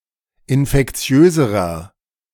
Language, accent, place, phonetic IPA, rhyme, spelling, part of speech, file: German, Germany, Berlin, [ɪnfɛkˈt͡si̯øːzəʁɐ], -øːzəʁɐ, infektiöserer, adjective, De-infektiöserer.ogg
- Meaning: inflection of infektiös: 1. strong/mixed nominative masculine singular comparative degree 2. strong genitive/dative feminine singular comparative degree 3. strong genitive plural comparative degree